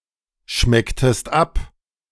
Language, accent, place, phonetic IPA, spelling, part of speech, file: German, Germany, Berlin, [ˌʃmɛktəst ˈap], schmecktest ab, verb, De-schmecktest ab.ogg
- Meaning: inflection of abschmecken: 1. second-person singular preterite 2. second-person singular subjunctive II